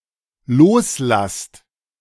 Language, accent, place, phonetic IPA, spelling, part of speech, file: German, Germany, Berlin, [ˈloːsˌlast], loslasst, verb, De-loslasst.ogg
- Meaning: second-person plural dependent present of loslassen